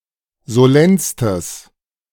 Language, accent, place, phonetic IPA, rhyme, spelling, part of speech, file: German, Germany, Berlin, [zoˈlɛnstəs], -ɛnstəs, solennstes, adjective, De-solennstes.ogg
- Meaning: strong/mixed nominative/accusative neuter singular superlative degree of solenn